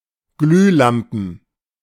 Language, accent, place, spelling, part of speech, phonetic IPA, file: German, Germany, Berlin, Glühlampen, noun, [ˈɡlyːˌlampn̩], De-Glühlampen.ogg
- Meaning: plural of Glühlampe